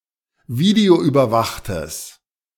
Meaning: strong/mixed nominative/accusative neuter singular of videoüberwacht
- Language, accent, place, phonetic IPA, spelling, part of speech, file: German, Germany, Berlin, [ˈviːdeoʔyːbɐˌvaxtəs], videoüberwachtes, adjective, De-videoüberwachtes.ogg